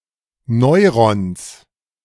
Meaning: genitive singular of Neuron
- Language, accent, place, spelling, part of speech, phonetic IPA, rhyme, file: German, Germany, Berlin, Neurons, noun, [ˈnɔɪ̯ʁɔns], -ɔɪ̯ʁɔns, De-Neurons.ogg